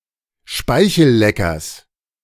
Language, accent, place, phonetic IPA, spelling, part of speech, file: German, Germany, Berlin, [ˈʃpaɪ̯çl̩ˌlɛkɐs], Speichelleckers, noun, De-Speichelleckers.ogg
- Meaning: genitive singular of Speichellecker